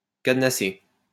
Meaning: to padlock
- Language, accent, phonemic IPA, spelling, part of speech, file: French, France, /kad.na.se/, cadenasser, verb, LL-Q150 (fra)-cadenasser.wav